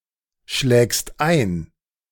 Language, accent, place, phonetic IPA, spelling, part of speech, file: German, Germany, Berlin, [ˌʃlɛːkst ˈaɪ̯n], schlägst ein, verb, De-schlägst ein.ogg
- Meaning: second-person singular present of einschlagen